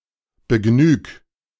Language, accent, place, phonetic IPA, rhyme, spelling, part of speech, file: German, Germany, Berlin, [bəˈɡnyːk], -yːk, begnüg, verb, De-begnüg.ogg
- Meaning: 1. singular imperative of begnügen 2. first-person singular present of begnügen